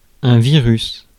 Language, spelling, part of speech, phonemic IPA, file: French, virus, noun, /vi.ʁys/, Fr-virus.ogg
- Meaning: virus